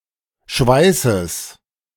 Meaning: genitive singular of Schweiß
- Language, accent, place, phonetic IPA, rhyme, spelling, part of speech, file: German, Germany, Berlin, [ˈʃvaɪ̯səs], -aɪ̯səs, Schweißes, noun, De-Schweißes.ogg